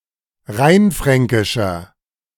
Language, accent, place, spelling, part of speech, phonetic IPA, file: German, Germany, Berlin, rheinfränkischer, adjective, [ˈʁaɪ̯nˌfʁɛŋkɪʃɐ], De-rheinfränkischer.ogg
- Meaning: inflection of rheinfränkisch: 1. strong/mixed nominative masculine singular 2. strong genitive/dative feminine singular 3. strong genitive plural